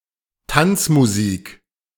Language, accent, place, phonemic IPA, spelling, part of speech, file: German, Germany, Berlin, /ˈtant͡smuˌziːk/, Tanzmusik, noun, De-Tanzmusik.ogg
- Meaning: dance music